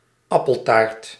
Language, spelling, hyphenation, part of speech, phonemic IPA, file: Dutch, appeltaart, ap‧pel‧taart, noun, /ˈɑ.pəlˌtaːrt/, Nl-appeltaart.ogg
- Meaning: apple pie, apple tart